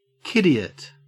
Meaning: script kiddie
- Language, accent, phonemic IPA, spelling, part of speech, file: English, Australia, /ˈkɪdiət/, kiddiot, noun, En-au-kiddiot.ogg